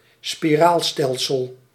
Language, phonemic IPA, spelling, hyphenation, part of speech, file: Dutch, /spiˈraːlˌstɛl.səl/, spiraalstelsel, spi‧raal‧stel‧sel, noun, Nl-spiraalstelsel.ogg
- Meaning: spiral galaxy